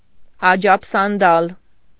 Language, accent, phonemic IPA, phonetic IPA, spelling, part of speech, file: Armenian, Eastern Armenian, /ɑd͡ʒɑpʰsɑnˈdɑl/, [ɑd͡ʒɑpʰsɑndɑ́l], աջաբսանդալ, noun, Hy-աջաբսանդալ.ogg
- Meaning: 1. ajapsandali 2. hodgepodge, medley, jumble